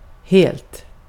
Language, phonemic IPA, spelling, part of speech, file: Swedish, /heːlt/, helt, adjective / adverb, Sv-helt.ogg
- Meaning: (adjective) indefinite neuter singular of hel; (adverb) entirely, absolutely, wholly, completely